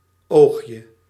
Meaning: diminutive of oog
- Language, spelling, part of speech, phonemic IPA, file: Dutch, oogje, noun, /ˈoxjə/, Nl-oogje.ogg